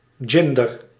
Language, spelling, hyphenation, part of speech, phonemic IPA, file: Dutch, ginder, gin‧der, adverb, /ˈɣɪndər/, Nl-ginder.ogg
- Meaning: yonder; there; used to indicate something that is not here